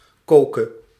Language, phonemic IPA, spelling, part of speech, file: Dutch, /ˈkokə/, koke, verb, Nl-koke.ogg
- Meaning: singular present subjunctive of koken